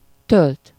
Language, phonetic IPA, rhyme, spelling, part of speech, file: Hungarian, [ˈtølt], -ølt, tölt, verb, Hu-tölt.ogg
- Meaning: 1. to pour 2. to charge (electrically) 3. to load 4. to pass (time), spend (time) with something (-val/-vel)